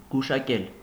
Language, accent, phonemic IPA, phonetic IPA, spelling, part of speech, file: Armenian, Eastern Armenian, /ɡuʃɑˈkel/, [ɡuʃɑkél], գուշակել, verb, Hy-գուշակել.ogg
- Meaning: 1. to foretell, to predict 2. to understand, to get 3. to anticipate 4. to tell fortunes, to tell somebody's fortune 5. to guess 6. to use magic to divine or make predictions